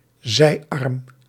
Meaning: 1. tributary, (river) branch 2. any other branch or, for certain organisations, arm or schism; anything that branches off
- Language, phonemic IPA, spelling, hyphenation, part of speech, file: Dutch, /ˈzɛi̯.ɑrm/, zijarm, zij‧arm, noun, Nl-zijarm.ogg